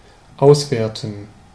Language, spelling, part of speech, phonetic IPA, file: German, auswerten, verb, [ˈaʊ̯sˌveːɐ̯tn̩], De-auswerten.ogg
- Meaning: 1. to evaluate, assess 2. to analyze 3. to appreciate